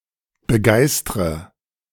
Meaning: inflection of begeistern: 1. first-person singular present 2. first/third-person singular subjunctive I 3. singular imperative
- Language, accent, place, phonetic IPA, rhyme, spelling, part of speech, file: German, Germany, Berlin, [bəˈɡaɪ̯stʁə], -aɪ̯stʁə, begeistre, verb, De-begeistre.ogg